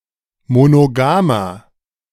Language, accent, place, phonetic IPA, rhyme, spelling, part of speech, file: German, Germany, Berlin, [monoˈɡaːmɐ], -aːmɐ, monogamer, adjective, De-monogamer.ogg
- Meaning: inflection of monogam: 1. strong/mixed nominative masculine singular 2. strong genitive/dative feminine singular 3. strong genitive plural